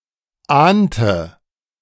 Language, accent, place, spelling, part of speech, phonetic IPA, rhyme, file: German, Germany, Berlin, ahnte, verb, [ˈaːntə], -aːntə, De-ahnte.ogg
- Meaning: inflection of ahnen: 1. first/third-person singular preterite 2. first/third-person singular subjunctive II